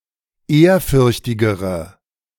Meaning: inflection of ehrfürchtig: 1. strong/mixed nominative/accusative feminine singular comparative degree 2. strong nominative/accusative plural comparative degree
- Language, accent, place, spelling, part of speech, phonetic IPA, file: German, Germany, Berlin, ehrfürchtigere, adjective, [ˈeːɐ̯ˌfʏʁçtɪɡəʁə], De-ehrfürchtigere.ogg